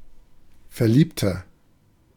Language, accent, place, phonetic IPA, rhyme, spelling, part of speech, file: German, Germany, Berlin, [fɛɐ̯ˈliːptɐ], -iːptɐ, verliebter, adjective, De-verliebter.ogg
- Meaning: inflection of verliebt: 1. strong/mixed nominative masculine singular 2. strong genitive/dative feminine singular 3. strong genitive plural